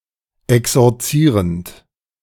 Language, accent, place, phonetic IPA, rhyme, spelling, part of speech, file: German, Germany, Berlin, [ɛksɔʁˈt͡siːʁənt], -iːʁənt, exorzierend, verb, De-exorzierend.ogg
- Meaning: present participle of exorzieren